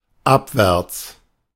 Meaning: 1. downwards, downhill 2. downstream
- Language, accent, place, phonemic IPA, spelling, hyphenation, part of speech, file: German, Germany, Berlin, /ˈapvɛʁt͡s/, abwärts, ab‧wärts, adverb, De-abwärts.ogg